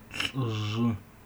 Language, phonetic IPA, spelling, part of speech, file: Adyghe, [ɬʼəʐə], лӏыжъы, noun, Ady-лӏыжъы.oga
- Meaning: old man